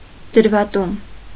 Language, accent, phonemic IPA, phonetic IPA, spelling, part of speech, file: Armenian, Eastern Armenian, /dəɾvɑˈtum/, [dəɾvɑtúm], դրվատում, noun, Hy-դրվատում.ogg
- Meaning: praise, praising